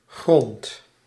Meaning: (noun) 1. ground, dirt, soil 2. floor, ground 3. ground, land, territory; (verb) inflection of gronden: 1. first-person singular present indicative 2. second-person singular present indicative
- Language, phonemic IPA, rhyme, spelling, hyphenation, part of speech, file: Dutch, /ˈɣrɔnt/, -ɔnt, grond, grond, noun / verb, Nl-grond.ogg